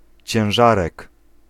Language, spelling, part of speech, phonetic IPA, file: Polish, ciężarek, noun, [t͡ɕɛ̃w̃ˈʒarɛk], Pl-ciężarek.ogg